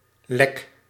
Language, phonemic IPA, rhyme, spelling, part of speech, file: Dutch, /lɛk/, -ɛk, lek, adjective / noun / verb, Nl-lek.ogg
- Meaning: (adjective) leaky; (noun) leak; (verb) inflection of lekken: 1. first-person singular present indicative 2. second-person singular present indicative 3. imperative